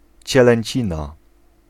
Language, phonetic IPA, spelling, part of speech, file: Polish, [ˌt͡ɕɛlɛ̃ɲˈt͡ɕĩna], cielęcina, noun, Pl-cielęcina.ogg